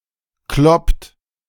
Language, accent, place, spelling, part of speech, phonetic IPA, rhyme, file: German, Germany, Berlin, kloppt, verb, [klɔpt], -ɔpt, De-kloppt.ogg
- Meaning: inflection of kloppen: 1. second-person plural present 2. third-person singular present 3. plural imperative